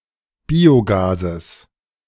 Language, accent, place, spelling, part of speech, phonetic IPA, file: German, Germany, Berlin, Biogases, noun, [ˈbiːoˌɡaːzəs], De-Biogases.ogg
- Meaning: genitive singular of Biogas